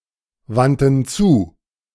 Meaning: first/third-person plural preterite of zuwenden
- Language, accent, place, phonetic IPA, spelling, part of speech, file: German, Germany, Berlin, [ˌvantn̩ ˈt͡suː], wandten zu, verb, De-wandten zu.ogg